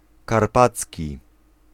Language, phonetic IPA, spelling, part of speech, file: Polish, [karˈpat͡sʲci], karpacki, adjective, Pl-karpacki.ogg